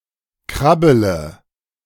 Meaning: inflection of krabbeln: 1. first-person singular present 2. singular imperative 3. first/third-person singular subjunctive I
- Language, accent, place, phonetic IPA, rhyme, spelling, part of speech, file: German, Germany, Berlin, [ˈkʁabələ], -abələ, krabbele, verb, De-krabbele.ogg